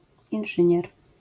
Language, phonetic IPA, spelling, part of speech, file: Polish, [ĩn͇ˈʒɨ̃ɲɛr], inżynier, noun, LL-Q809 (pol)-inżynier.wav